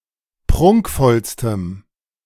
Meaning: strong dative masculine/neuter singular superlative degree of prunkvoll
- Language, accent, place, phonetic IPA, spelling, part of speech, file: German, Germany, Berlin, [ˈpʁʊŋkfɔlstəm], prunkvollstem, adjective, De-prunkvollstem.ogg